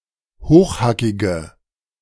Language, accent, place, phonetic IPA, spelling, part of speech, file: German, Germany, Berlin, [ˈhoːxˌhakɪɡə], hochhackige, adjective, De-hochhackige.ogg
- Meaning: inflection of hochhackig: 1. strong/mixed nominative/accusative feminine singular 2. strong nominative/accusative plural 3. weak nominative all-gender singular